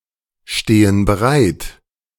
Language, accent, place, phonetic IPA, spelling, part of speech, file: German, Germany, Berlin, [ˌʃteːən bəˈʁaɪ̯t], stehen bereit, verb, De-stehen bereit.ogg
- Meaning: inflection of bereitstehen: 1. first/third-person plural present 2. first/third-person plural subjunctive I